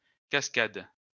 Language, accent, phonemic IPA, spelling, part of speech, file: French, France, /kas.kad/, cascades, noun / verb, LL-Q150 (fra)-cascades.wav
- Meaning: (noun) plural of cascade; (verb) second-person singular present indicative/subjunctive of cascader